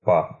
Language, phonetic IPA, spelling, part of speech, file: Russian, [pa], па, noun, Ru-па.ogg
- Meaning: pas, step